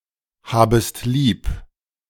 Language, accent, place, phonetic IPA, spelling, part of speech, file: German, Germany, Berlin, [ˌhaːbəst ˈliːp], habest lieb, verb, De-habest lieb.ogg
- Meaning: second-person singular subjunctive I of lieb haben